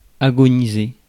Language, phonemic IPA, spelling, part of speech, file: French, /a.ɡɔ.ni.ze/, agoniser, verb, Fr-agoniser.ogg
- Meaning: 1. to be dying (slowly); to be at death's door 2. to be in one's death throes